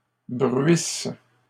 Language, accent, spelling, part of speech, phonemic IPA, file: French, Canada, bruisses, verb, /bʁɥis/, LL-Q150 (fra)-bruisses.wav
- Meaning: second-person singular present/imperfect subjunctive of bruire